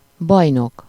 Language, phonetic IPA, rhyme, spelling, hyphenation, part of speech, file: Hungarian, [ˈbɒjnok], -ok, bajnok, baj‧nok, noun, Hu-bajnok.ogg
- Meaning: 1. champion (an ongoing winner in a game or contest) 2. paladin (a heroic champion, especially a knightly one) 3. champion, paladin (someone who fights for a noble cause)